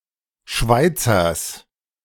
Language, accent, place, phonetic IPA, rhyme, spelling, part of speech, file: German, Germany, Berlin, [ˈʃvaɪ̯t͡sɐs], -aɪ̯t͡sɐs, Schweizers, noun, De-Schweizers.ogg
- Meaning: genitive singular of Schweizer